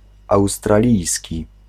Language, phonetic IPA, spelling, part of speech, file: Polish, [ˌawstraˈlʲijsʲci], australijski, adjective, Pl-australijski.ogg